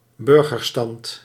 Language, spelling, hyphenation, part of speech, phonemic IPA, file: Dutch, burgerstand, bur‧ger‧stand, noun, /ˈbʏr.ɣərˌstɑnt/, Nl-burgerstand.ogg
- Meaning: 1. middle class, sometimes including the bourgeoisie 2. third estate, the commoners collectively